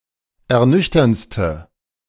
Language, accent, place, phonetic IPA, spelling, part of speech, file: German, Germany, Berlin, [ɛɐ̯ˈnʏçtɐnt͡stə], ernüchterndste, adjective, De-ernüchterndste.ogg
- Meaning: inflection of ernüchternd: 1. strong/mixed nominative/accusative feminine singular superlative degree 2. strong nominative/accusative plural superlative degree